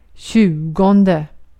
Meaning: twentieth
- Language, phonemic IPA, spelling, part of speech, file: Swedish, /ˈɕʉːˌɡɔndɛ/, tjugonde, numeral, Sv-tjugonde.ogg